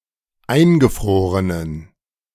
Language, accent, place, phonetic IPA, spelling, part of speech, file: German, Germany, Berlin, [ˈaɪ̯nɡəˌfʁoːʁənən], eingefrorenen, adjective, De-eingefrorenen.ogg
- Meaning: inflection of eingefroren: 1. strong genitive masculine/neuter singular 2. weak/mixed genitive/dative all-gender singular 3. strong/weak/mixed accusative masculine singular 4. strong dative plural